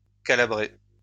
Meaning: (adjective) Calabrian; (noun) Calabrian, the Calabrian language
- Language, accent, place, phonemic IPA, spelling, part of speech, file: French, France, Lyon, /ka.la.bʁɛ/, calabrais, adjective / noun, LL-Q150 (fra)-calabrais.wav